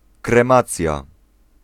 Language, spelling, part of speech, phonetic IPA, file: Polish, kremacja, noun, [krɛ̃ˈmat͡sʲja], Pl-kremacja.ogg